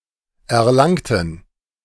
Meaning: inflection of erlangt: 1. strong genitive masculine/neuter singular 2. weak/mixed genitive/dative all-gender singular 3. strong/weak/mixed accusative masculine singular 4. strong dative plural
- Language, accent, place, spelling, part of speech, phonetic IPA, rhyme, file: German, Germany, Berlin, erlangten, adjective / verb, [ɛɐ̯ˈlaŋtn̩], -aŋtn̩, De-erlangten.ogg